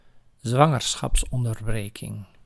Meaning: abortion
- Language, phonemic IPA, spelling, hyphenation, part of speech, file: Dutch, /ˈzʋɑ.ŋər.sxɑps.ɔn.dərˌbreː.kɪŋ/, zwangerschapsonderbreking, zwan‧ger‧schaps‧on‧der‧bre‧king, noun, Nl-zwangerschapsonderbreking.ogg